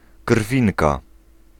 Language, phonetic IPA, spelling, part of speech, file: Polish, [ˈkr̥fʲĩnka], krwinka, noun, Pl-krwinka.ogg